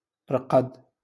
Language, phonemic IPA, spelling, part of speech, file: Moroccan Arabic, /rqad/, رقد, verb, LL-Q56426 (ary)-رقد.wav
- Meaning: to sleep